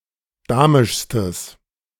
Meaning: strong/mixed nominative/accusative neuter singular superlative degree of damisch
- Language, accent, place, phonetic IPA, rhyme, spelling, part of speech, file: German, Germany, Berlin, [ˈdaːmɪʃstəs], -aːmɪʃstəs, damischstes, adjective, De-damischstes.ogg